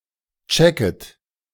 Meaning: second-person plural subjunctive I of checken
- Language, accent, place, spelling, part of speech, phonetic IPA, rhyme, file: German, Germany, Berlin, checket, verb, [ˈt͡ʃɛkət], -ɛkət, De-checket.ogg